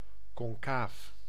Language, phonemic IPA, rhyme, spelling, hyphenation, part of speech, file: Dutch, /kɔnˈkaːf/, -aːf, concaaf, con‧caaf, adjective, Nl-concaaf.ogg
- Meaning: concave